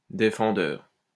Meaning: defendant, (the) accused
- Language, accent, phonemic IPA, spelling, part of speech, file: French, France, /de.fɑ̃.dœʁ/, défendeur, noun, LL-Q150 (fra)-défendeur.wav